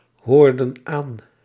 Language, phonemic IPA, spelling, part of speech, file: Dutch, /ˈhordə(n) ˈan/, hoorden aan, verb, Nl-hoorden aan.ogg
- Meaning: inflection of aanhoren: 1. plural past indicative 2. plural past subjunctive